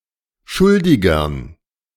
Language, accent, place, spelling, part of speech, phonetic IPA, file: German, Germany, Berlin, Schuldigern, noun, [ˈʃʊldɪɡɐn], De-Schuldigern.ogg
- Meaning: dative plural of Schuldiger